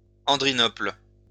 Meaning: Turkey red (colour)
- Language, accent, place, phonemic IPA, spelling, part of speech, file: French, France, Lyon, /ɑ̃.dʁi.nɔpl/, andrinople, noun, LL-Q150 (fra)-andrinople.wav